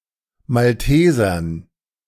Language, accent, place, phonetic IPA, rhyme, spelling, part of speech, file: German, Germany, Berlin, [malˈteːzɐn], -eːzɐn, Maltesern, noun, De-Maltesern.ogg
- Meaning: dative plural of Malteser